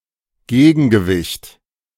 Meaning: counterbalance
- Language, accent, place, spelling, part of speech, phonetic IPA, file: German, Germany, Berlin, Gegengewicht, noun, [ˈɡeːɡn̩ɡəˌvɪçt], De-Gegengewicht.ogg